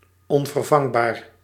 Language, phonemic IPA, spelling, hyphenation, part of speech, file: Dutch, /ˌɔn.vərˈvɑŋ.baːr/, onvervangbaar, on‧ver‧vang‧baar, adjective, Nl-onvervangbaar.ogg
- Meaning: irreplacable